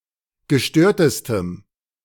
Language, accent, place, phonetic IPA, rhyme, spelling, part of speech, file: German, Germany, Berlin, [ɡəˈʃtøːɐ̯təstəm], -øːɐ̯təstəm, gestörtestem, adjective, De-gestörtestem.ogg
- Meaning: strong dative masculine/neuter singular superlative degree of gestört